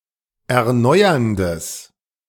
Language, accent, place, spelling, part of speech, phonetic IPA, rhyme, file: German, Germany, Berlin, erneuerndes, adjective, [ɛɐ̯ˈnɔɪ̯ɐndəs], -ɔɪ̯ɐndəs, De-erneuerndes.ogg
- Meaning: strong/mixed nominative/accusative neuter singular of erneuernd